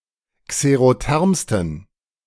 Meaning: 1. superlative degree of xerotherm 2. inflection of xerotherm: strong genitive masculine/neuter singular superlative degree
- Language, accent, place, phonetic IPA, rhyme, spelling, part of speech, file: German, Germany, Berlin, [kseʁoˈtɛʁmstn̩], -ɛʁmstn̩, xerothermsten, adjective, De-xerothermsten.ogg